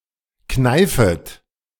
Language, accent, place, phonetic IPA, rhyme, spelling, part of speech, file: German, Germany, Berlin, [ˈknaɪ̯fət], -aɪ̯fət, kneifet, verb, De-kneifet.ogg
- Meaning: second-person plural subjunctive I of kneifen